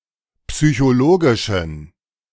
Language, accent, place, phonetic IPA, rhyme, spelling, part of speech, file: German, Germany, Berlin, [psyçoˈloːɡɪʃn̩], -oːɡɪʃn̩, psychologischen, adjective, De-psychologischen.ogg
- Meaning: inflection of psychologisch: 1. strong genitive masculine/neuter singular 2. weak/mixed genitive/dative all-gender singular 3. strong/weak/mixed accusative masculine singular 4. strong dative plural